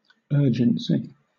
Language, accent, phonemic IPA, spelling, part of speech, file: English, Southern England, /ˈɜː.d͡ʒən.si/, urgency, noun, LL-Q1860 (eng)-urgency.wav
- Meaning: 1. The quality or condition of being urgent 2. Insistence, pressure, urge